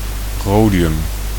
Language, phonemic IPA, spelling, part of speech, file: Dutch, /ˈrodijʏm/, rhodium, noun, Nl-rhodium.ogg
- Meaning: rhodium